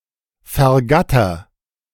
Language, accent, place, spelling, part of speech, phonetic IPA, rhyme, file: German, Germany, Berlin, vergatter, verb, [fɛɐ̯ˈɡatɐ], -atɐ, De-vergatter.ogg
- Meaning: inflection of vergattern: 1. first-person singular present 2. singular imperative